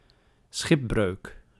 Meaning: shipwreck (event where a ship sinks or runs aground)
- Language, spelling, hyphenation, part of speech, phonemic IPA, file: Dutch, schipbreuk, schip‧breuk, noun, /ˈsxɪp.brøːk/, Nl-schipbreuk.ogg